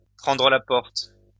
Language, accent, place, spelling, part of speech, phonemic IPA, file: French, France, Lyon, prendre la porte, verb, /pʁɑ̃.dʁə la pɔʁt/, LL-Q150 (fra)-prendre la porte.wav
- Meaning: 1. to leave a room; to leave 2. to get sacked, to get the sack, to find oneself out on one's ear